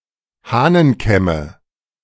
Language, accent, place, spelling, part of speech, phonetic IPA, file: German, Germany, Berlin, Hahnenkämme, noun, [ˈhaːnənˌkɛmə], De-Hahnenkämme.ogg
- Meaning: nominative/accusative/genitive plural of Hahnenkamm